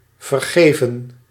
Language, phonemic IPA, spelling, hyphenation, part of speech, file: Dutch, /vərˈɣeː.və(n)/, vergeven, ver‧ge‧ven, verb / adjective, Nl-vergeven.ogg
- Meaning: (verb) 1. to forgive 2. to harm through poison; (adjective) overrun, crawling; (verb) past participle of vergeven